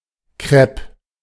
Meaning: crêpe (a flat round pancake-like pastry)
- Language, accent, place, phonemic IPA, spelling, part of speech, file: German, Germany, Berlin, /kʁɛp/, Crêpe, noun, De-Crêpe.ogg